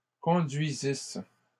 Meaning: second-person singular imperfect subjunctive of conduire
- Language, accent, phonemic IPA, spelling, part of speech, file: French, Canada, /kɔ̃.dɥi.zis/, conduisisses, verb, LL-Q150 (fra)-conduisisses.wav